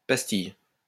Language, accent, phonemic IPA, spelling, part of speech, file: French, France, /pas.tij/, pastille, noun, LL-Q150 (fra)-pastille.wav
- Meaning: 1. small roll of dough containing fragrant ingredients baked in order to perfume the air 2. pastille, lozenge, drop (medicinal or candy) 3. lozenge-shaped figure in a design